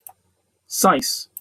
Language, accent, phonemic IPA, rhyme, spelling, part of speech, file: English, Received Pronunciation, /saɪs/, -aɪs, sais, noun, En-uk-sais.opus
- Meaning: 1. A groom, or servant with responsibility for the horses 2. usually syce: chauffeur, driver